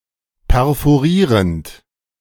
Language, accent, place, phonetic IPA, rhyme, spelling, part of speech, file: German, Germany, Berlin, [pɛʁfoˈʁiːʁənt], -iːʁənt, perforierend, verb, De-perforierend.ogg
- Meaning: present participle of perforieren